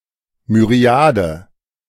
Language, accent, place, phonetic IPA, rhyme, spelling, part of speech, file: German, Germany, Berlin, [myʁˈi̯aː.də], -aːdə, Myriade, noun, De-Myriade.ogg
- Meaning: 1. myriad (large number) 2. myriad (ten thousand)